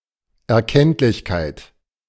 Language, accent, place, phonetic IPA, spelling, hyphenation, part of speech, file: German, Germany, Berlin, [ɛɐ̯ˈkɛntlɪçkaɪ̯t], Erkenntlichkeit, Erkennt‧lich‧keit, noun, De-Erkenntlichkeit.ogg
- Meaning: sign of gratitude, sign of appreciation